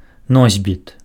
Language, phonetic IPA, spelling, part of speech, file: Belarusian, [ˈnozʲbʲit], носьбіт, noun, Be-носьбіт.ogg
- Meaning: carrier